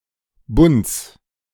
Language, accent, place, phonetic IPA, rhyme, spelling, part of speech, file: German, Germany, Berlin, [bʊnt͡s], -ʊnt͡s, Bunds, noun, De-Bunds.ogg
- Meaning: genitive singular of Bund